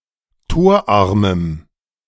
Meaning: strong dative masculine/neuter singular of torarm
- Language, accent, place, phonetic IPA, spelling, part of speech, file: German, Germany, Berlin, [ˈtoːɐ̯ˌʔaʁməm], torarmem, adjective, De-torarmem.ogg